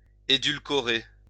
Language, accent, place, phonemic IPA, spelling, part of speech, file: French, France, Lyon, /e.dyl.kɔ.ʁe/, édulcorer, verb, LL-Q150 (fra)-édulcorer.wav
- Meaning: 1. to sweeten (medicine) 2. to tone down, to sanitize, to bowdlerize